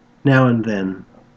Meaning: Synonym of occasionally, sometimes, intermittently
- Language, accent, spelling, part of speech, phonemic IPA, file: English, Australia, now and then, adverb, /ˌnaʊ ən(d)ˈðɛn/, En-au-now and then.ogg